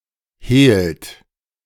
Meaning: inflection of hehlen: 1. second-person plural present 2. third-person singular present 3. plural imperative
- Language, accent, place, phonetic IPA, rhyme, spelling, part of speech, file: German, Germany, Berlin, [heːlt], -eːlt, hehlt, verb, De-hehlt.ogg